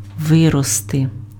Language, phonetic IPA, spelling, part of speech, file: Ukrainian, [ˈʋɪrɔste], вирости, verb / noun, Uk-вирости.ogg
- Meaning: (verb) 1. to grow 2. to grow up 3. to arise, to appear, to rise up; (noun) nominative/accusative/vocative plural of ви́ріст (výrist)